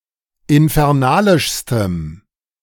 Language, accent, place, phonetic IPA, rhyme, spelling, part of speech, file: German, Germany, Berlin, [ɪnfɛʁˈnaːlɪʃstəm], -aːlɪʃstəm, infernalischstem, adjective, De-infernalischstem.ogg
- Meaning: strong dative masculine/neuter singular superlative degree of infernalisch